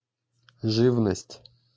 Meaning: 1. small living creatures collectively 2. poultry 3. small cattle; sheep and goats
- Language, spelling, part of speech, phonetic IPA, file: Russian, живность, noun, [ˈʐɨvnəsʲtʲ], Ru-живность.ogg